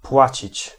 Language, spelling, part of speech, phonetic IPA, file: Polish, płacić, verb, [ˈpwat͡ɕit͡ɕ], Pl-płacić.ogg